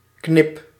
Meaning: inflection of knippen: 1. first-person singular present indicative 2. second-person singular present indicative 3. imperative
- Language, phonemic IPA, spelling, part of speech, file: Dutch, /knɪp/, knip, noun / verb, Nl-knip.ogg